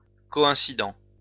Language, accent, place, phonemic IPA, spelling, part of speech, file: French, France, Lyon, /kɔ.ɛ̃.sid/, coïncident, verb, LL-Q150 (fra)-coïncident.wav
- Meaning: third-person plural present indicative/subjunctive of coïncider